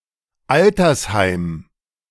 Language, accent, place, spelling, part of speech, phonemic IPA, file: German, Germany, Berlin, Altersheim, noun, /ˈaltɐsˌhaɪ̯m/, De-Altersheim.ogg
- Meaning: retirement home